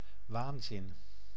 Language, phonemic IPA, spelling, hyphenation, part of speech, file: Dutch, /ˈʋaːn.zɪn/, waanzin, waan‧zin, noun, Nl-waanzin.ogg
- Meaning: 1. delusion 2. insanity, lunacy